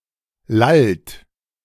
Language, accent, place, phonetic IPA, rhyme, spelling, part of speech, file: German, Germany, Berlin, [lalt], -alt, lallt, verb, De-lallt.ogg
- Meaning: inflection of lallen: 1. second-person plural present 2. third-person singular present 3. plural imperative